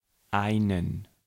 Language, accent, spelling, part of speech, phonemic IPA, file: German, Germany, einen, numeral / article / pronoun / verb, /ˈaɪ̯nn̩/, De-einen.ogg
- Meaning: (numeral) accusative masculine singular of ein; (article) accusative masculine singular of ein: a, an; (pronoun) inflection of einer: strong/weak accusative masculine singular